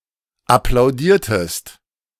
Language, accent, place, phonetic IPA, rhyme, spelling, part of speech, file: German, Germany, Berlin, [aplaʊ̯ˈdiːɐ̯təst], -iːɐ̯təst, applaudiertest, verb, De-applaudiertest.ogg
- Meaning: inflection of applaudieren: 1. second-person singular preterite 2. second-person singular subjunctive II